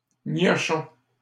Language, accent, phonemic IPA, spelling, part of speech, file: French, Canada, /ɲɔ.ʃɔ̃/, gnochon, noun / adjective, LL-Q150 (fra)-gnochon.wav
- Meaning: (noun) imbecile; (adjective) imbecilic